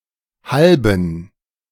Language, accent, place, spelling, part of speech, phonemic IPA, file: German, Germany, Berlin, halben, adjective / postposition, /ˈhalbn̩/, De-halben.ogg
- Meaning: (adjective) inflection of halb: 1. strong genitive masculine/neuter singular 2. weak/mixed genitive/dative all-gender singular 3. strong/weak/mixed accusative masculine singular